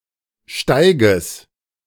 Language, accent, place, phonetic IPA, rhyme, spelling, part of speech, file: German, Germany, Berlin, [ˈʃtaɪ̯ɡəs], -aɪ̯ɡəs, Steiges, noun, De-Steiges.ogg
- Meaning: genitive singular of Steig